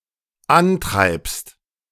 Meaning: second-person singular dependent present of antreiben
- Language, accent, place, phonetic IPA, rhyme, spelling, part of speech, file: German, Germany, Berlin, [ˈanˌtʁaɪ̯pst], -antʁaɪ̯pst, antreibst, verb, De-antreibst.ogg